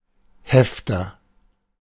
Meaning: 1. binder, file, a plastic or cardboard piece with prongs for hole-punched papers 2. stapler
- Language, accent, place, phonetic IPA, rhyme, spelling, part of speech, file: German, Germany, Berlin, [ˈhɛftɐ], -ɛftɐ, Hefter, noun, De-Hefter.ogg